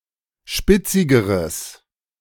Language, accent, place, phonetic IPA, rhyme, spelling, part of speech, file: German, Germany, Berlin, [ˈʃpɪt͡sɪɡəʁəs], -ɪt͡sɪɡəʁəs, spitzigeres, adjective, De-spitzigeres.ogg
- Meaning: strong/mixed nominative/accusative neuter singular comparative degree of spitzig